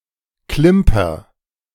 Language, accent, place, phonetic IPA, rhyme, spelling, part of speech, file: German, Germany, Berlin, [ˈklɪmpɐ], -ɪmpɐ, klimper, verb, De-klimper.ogg
- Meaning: inflection of klimpern: 1. first-person singular present 2. singular imperative